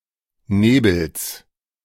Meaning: genitive singular of Nebel
- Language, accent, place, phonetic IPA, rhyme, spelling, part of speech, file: German, Germany, Berlin, [ˈneːbl̩s], -eːbl̩s, Nebels, noun, De-Nebels.ogg